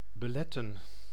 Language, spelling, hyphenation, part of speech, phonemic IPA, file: Dutch, beletten, be‧let‧ten, verb, /bəˈlɛtə(n)/, Nl-beletten.ogg
- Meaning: to hinder, prevent